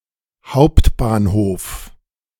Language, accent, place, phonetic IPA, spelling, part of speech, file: German, Germany, Berlin, [ˈhau̯ptbaːnˌhoːf], Hbf, abbreviation, De-Hbf.ogg
- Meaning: abbreviation of Hauptbahnhof (“central/main train station”)